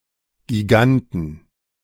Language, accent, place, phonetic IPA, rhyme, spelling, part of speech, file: German, Germany, Berlin, [ɡiˈɡantn̩], -antn̩, Giganten, noun, De-Giganten.ogg
- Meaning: inflection of Gigant: 1. genitive/dative/accusative singular 2. nominative/genitive/dative/accusative plural